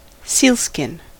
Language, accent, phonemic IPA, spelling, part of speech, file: English, US, /ˈsilˌskɪn/, sealskin, noun, En-us-sealskin.ogg
- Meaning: 1. A type of fabric made from the skin of seals 2. Any fabric manufactured to resemble sealskin 3. An item of clothing made from sealskin (whether real or imitation)